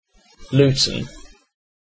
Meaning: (proper noun) A place in England: 1. A town, unitary authority, and borough in Bedfordshire 2. An airport to the north of London, in Bedfordshire
- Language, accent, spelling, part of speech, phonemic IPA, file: English, UK, Luton, proper noun / noun, /luːtən/, En-uk-Luton.ogg